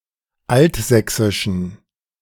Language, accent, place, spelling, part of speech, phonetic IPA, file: German, Germany, Berlin, altsächsischen, adjective, [ˈaltˌzɛksɪʃn̩], De-altsächsischen.ogg
- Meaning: inflection of altsächsisch: 1. strong genitive masculine/neuter singular 2. weak/mixed genitive/dative all-gender singular 3. strong/weak/mixed accusative masculine singular 4. strong dative plural